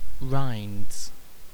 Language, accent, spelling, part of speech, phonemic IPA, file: English, UK, rinds, noun / verb, /ɹʌɪndz/, En-uk-rinds.ogg
- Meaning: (noun) plural of rind; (verb) third-person singular simple present indicative of rind